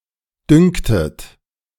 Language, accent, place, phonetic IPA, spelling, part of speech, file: German, Germany, Berlin, [ˈdʏŋktət], dünktet, verb, De-dünktet.ogg
- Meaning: second-person plural subjunctive I of dünken